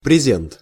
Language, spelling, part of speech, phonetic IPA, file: Russian, презент, noun, [prʲɪˈzʲent], Ru-презент.ogg
- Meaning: donative, gift, present